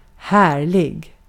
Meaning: 1. lovely, delightful, wonderful (very pleasant), (sometimes a better match for tone, as it can also sound casual) great 2. glorious, majestic, splendid (compare härlighet)
- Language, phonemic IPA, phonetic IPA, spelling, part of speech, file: Swedish, /ˈhɛːrˌlɪɡ/, [ˈhæːˌɭɪ(ɡ)], härlig, adjective, Sv-härlig.ogg